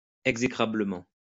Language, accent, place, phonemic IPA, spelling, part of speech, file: French, France, Lyon, /ɛɡ.ze.kʁa.blə.mɑ̃/, exécrablement, adverb, LL-Q150 (fra)-exécrablement.wav
- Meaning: poorly; awfully; lamentably